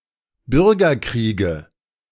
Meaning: nominative/accusative/genitive plural of Bürgerkrieg
- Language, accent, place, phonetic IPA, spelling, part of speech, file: German, Germany, Berlin, [ˈbʏʁɡɐˌkʁiːɡə], Bürgerkriege, noun, De-Bürgerkriege.ogg